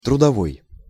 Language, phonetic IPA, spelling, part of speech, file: Russian, [trʊdɐˈvoj], трудовой, adjective, Ru-трудовой.ogg
- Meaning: 1. labor, work 2. working, worker's 3. earned 4. service